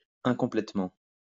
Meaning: incompletely
- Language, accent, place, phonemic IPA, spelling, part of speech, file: French, France, Lyon, /ɛ̃.kɔ̃.plɛt.mɑ̃/, incomplètement, adverb, LL-Q150 (fra)-incomplètement.wav